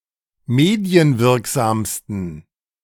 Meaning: 1. superlative degree of medienwirksam 2. inflection of medienwirksam: strong genitive masculine/neuter singular superlative degree
- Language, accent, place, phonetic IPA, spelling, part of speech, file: German, Germany, Berlin, [ˈmeːdi̯ənˌvɪʁkzaːmstn̩], medienwirksamsten, adjective, De-medienwirksamsten.ogg